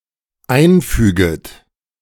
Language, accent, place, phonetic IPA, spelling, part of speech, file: German, Germany, Berlin, [ˈaɪ̯nˌfyːɡət], einfüget, verb, De-einfüget.ogg
- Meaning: second-person plural dependent subjunctive I of einfügen